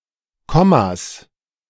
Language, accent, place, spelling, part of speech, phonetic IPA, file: German, Germany, Berlin, Kommas, noun, [ˈkɔmas], De-Kommas.ogg
- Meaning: 1. genitive singular of Komma 2. plural of Komma